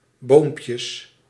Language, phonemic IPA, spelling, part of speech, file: Dutch, /ˈbompjəs/, boompjes, noun, Nl-boompjes.ogg
- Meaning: plural of boompje